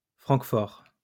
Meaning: 1. Frankfurt, Frankfurt-am-Main (the largest city in Hesse, in central Germany) 2. Frankfurt, Frankfurt-an-der-Oder (a sizable town in Brandenburg, in eastern Germany)
- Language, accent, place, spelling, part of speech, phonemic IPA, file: French, France, Lyon, Francfort, proper noun, /fʁɑ̃k.fɔʁ/, LL-Q150 (fra)-Francfort.wav